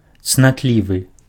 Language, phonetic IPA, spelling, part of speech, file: Belarusian, [t͡snatˈlʲivɨ], цнатлівы, adjective, Be-цнатлівы.ogg
- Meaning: innocent, chaste, virgin